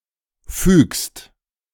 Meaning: second-person singular present of fügen
- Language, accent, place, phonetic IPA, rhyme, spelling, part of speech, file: German, Germany, Berlin, [fyːkst], -yːkst, fügst, verb, De-fügst.ogg